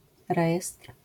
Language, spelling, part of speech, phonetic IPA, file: Polish, rejestr, noun, [ˈrɛjɛstr̥], LL-Q809 (pol)-rejestr.wav